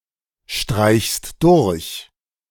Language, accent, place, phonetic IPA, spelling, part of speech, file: German, Germany, Berlin, [ˌʃtʁaɪ̯çst ˈdʊʁç], streichst durch, verb, De-streichst durch.ogg
- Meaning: second-person singular present of durchstreichen